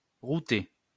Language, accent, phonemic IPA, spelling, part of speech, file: French, France, /ʁu.te/, router, verb, LL-Q150 (fra)-router.wav
- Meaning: to route